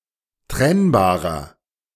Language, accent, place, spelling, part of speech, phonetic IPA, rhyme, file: German, Germany, Berlin, trennbarer, adjective, [ˈtʁɛnbaːʁɐ], -ɛnbaːʁɐ, De-trennbarer.ogg
- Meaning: inflection of trennbar: 1. strong/mixed nominative masculine singular 2. strong genitive/dative feminine singular 3. strong genitive plural